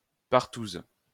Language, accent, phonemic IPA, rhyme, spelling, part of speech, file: French, France, /paʁ.tuz/, -uz, partouze, noun, LL-Q150 (fra)-partouze.wav
- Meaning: alternative form of partouse